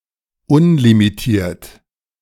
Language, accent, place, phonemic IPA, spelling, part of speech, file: German, Germany, Berlin, /ˈʊnlimiˌtiːɐ̯t/, unlimitiert, adjective, De-unlimitiert.ogg
- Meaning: unlimited